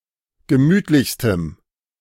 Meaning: strong dative masculine/neuter singular superlative degree of gemütlich
- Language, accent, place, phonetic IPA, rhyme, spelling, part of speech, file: German, Germany, Berlin, [ɡəˈmyːtlɪçstəm], -yːtlɪçstəm, gemütlichstem, adjective, De-gemütlichstem.ogg